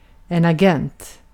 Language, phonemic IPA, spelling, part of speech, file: Swedish, /aˈɡɛnːt/, agent, noun, Sv-agent.ogg
- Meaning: an agent